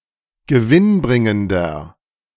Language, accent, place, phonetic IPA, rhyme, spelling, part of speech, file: German, Germany, Berlin, [ɡəˈvɪnˌbʁɪŋəndɐ], -ɪnbʁɪŋəndɐ, gewinnbringender, adjective, De-gewinnbringender.ogg
- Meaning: 1. comparative degree of gewinnbringend 2. inflection of gewinnbringend: strong/mixed nominative masculine singular 3. inflection of gewinnbringend: strong genitive/dative feminine singular